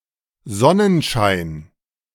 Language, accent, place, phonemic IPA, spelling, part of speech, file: German, Germany, Berlin, /ˈzɔnənʃaɪ̯n/, Sonnenschein, noun / proper noun, De-Sonnenschein.ogg
- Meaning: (noun) sunshine; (proper noun) a surname